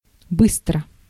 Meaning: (adverb) fast, quickly, rapidly; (adjective) short neuter singular of бы́стрый (býstryj)
- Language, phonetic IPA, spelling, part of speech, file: Russian, [ˈbɨstrə], быстро, adverb / adjective, Ru-быстро.ogg